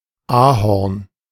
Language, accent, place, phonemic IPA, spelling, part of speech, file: German, Germany, Berlin, /ˈʔaːhɔʁn/, Ahorn, noun / proper noun, De-Ahorn.ogg
- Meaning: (noun) 1. A maple Acer; the common tree 2. maple; the wood of the tree; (proper noun) 1. a municipality of Upper Austria, Austria 2. a municipality of Baden-Württemberg, Germany